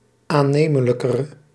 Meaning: inflection of aannemelijker, the comparative degree of aannemelijk: 1. masculine/feminine singular attributive 2. definite neuter singular attributive 3. plural attributive
- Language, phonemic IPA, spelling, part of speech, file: Dutch, /aˈnemələkərə/, aannemelijkere, adjective, Nl-aannemelijkere.ogg